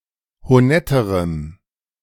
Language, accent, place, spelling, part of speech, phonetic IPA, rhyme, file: German, Germany, Berlin, honetterem, adjective, [hoˈnɛtəʁəm], -ɛtəʁəm, De-honetterem.ogg
- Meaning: strong dative masculine/neuter singular comparative degree of honett